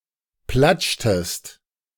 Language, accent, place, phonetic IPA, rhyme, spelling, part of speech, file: German, Germany, Berlin, [ˈplat͡ʃtəst], -at͡ʃtəst, platschtest, verb, De-platschtest.ogg
- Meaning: inflection of platschen: 1. second-person singular preterite 2. second-person singular subjunctive II